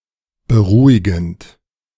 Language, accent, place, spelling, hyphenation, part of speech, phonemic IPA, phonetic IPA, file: German, Germany, Berlin, beruhigend, be‧ru‧hi‧gend, verb / adjective, /bəˈʁuːiɡənt/, [bəˈʁuːɪɡn̩t], De-beruhigend.ogg
- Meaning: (verb) present participle of beruhigen; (adjective) calming, soothing, reassuring, comforting